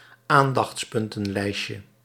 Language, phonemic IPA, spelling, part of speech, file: Dutch, /ˈandɑx(t)sˌpʏntə(n)ˌlɛiscə/, aandachtspuntenlijstje, noun, Nl-aandachtspuntenlijstje.ogg
- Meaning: diminutive of aandachtspuntenlijst